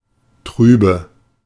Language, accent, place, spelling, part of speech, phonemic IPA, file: German, Germany, Berlin, trübe, adjective, /ˈtʁyːbə/, De-trübe.ogg
- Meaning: 1. alternative form of trüb 2. inflection of trüb: strong/mixed nominative/accusative feminine singular 3. inflection of trüb: strong nominative/accusative plural